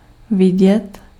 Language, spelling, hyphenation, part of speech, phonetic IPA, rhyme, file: Czech, vidět, vi‧dět, verb, [ˈvɪɟɛt], -ɪɟɛt, Cs-vidět.ogg
- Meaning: to see